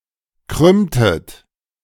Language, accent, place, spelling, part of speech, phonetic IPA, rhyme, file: German, Germany, Berlin, krümmtet, verb, [ˈkʁʏmtət], -ʏmtət, De-krümmtet.ogg
- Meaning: inflection of krümmen: 1. second-person plural preterite 2. second-person plural subjunctive II